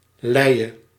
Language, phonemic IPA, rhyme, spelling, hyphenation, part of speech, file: Dutch, /ˈlɛi̯.ə/, -ɛi̯ə, Leie, Leie, proper noun, Nl-Leie.ogg
- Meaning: the Lys (a river in France and Belgium, and a left tributary of the Scheldt at Gent)